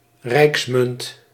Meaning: 1. a coin issued by a national or imperial government 2. a national or imperial mint
- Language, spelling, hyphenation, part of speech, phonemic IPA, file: Dutch, rijksmunt, rijks‧munt, noun, /ˈrɛi̯ks.mʏnt/, Nl-rijksmunt.ogg